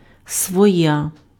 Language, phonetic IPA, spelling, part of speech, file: Ukrainian, [swɔˈja], своя, pronoun, Uk-своя.ogg
- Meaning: nominative/vocative feminine singular of свій (svij)